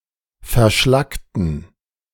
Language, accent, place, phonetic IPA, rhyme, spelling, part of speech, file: German, Germany, Berlin, [fɛɐ̯ˈʃlaktn̩], -aktn̩, verschlackten, adjective / verb, De-verschlackten.ogg
- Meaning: inflection of verschlackt: 1. strong genitive masculine/neuter singular 2. weak/mixed genitive/dative all-gender singular 3. strong/weak/mixed accusative masculine singular 4. strong dative plural